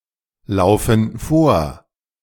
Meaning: inflection of vorlaufen: 1. first/third-person plural present 2. first/third-person plural subjunctive I
- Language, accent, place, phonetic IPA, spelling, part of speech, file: German, Germany, Berlin, [ˌlaʊ̯fn̩ ˈfoːɐ̯], laufen vor, verb, De-laufen vor.ogg